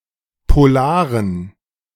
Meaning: inflection of polar: 1. strong genitive masculine/neuter singular 2. weak/mixed genitive/dative all-gender singular 3. strong/weak/mixed accusative masculine singular 4. strong dative plural
- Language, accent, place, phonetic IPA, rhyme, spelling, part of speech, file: German, Germany, Berlin, [poˈlaːʁən], -aːʁən, polaren, adjective, De-polaren.ogg